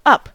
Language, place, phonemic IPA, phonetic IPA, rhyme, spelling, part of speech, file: English, California, /ʌp/, [ʌp̚], -ʌp, up, adverb / preposition / adjective / noun / verb, En-us-up.ogg
- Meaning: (adverb) Indicating movement towards or location at a higher place or position.: Away from the surface of the Earth or other planet; in opposite direction to the downward pull of gravity